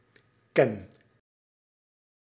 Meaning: inflection of kennen: 1. first-person singular present indicative 2. second-person singular present indicative 3. imperative
- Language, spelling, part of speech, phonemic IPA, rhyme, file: Dutch, ken, verb, /kɛn/, -ɛn, Nl-ken.ogg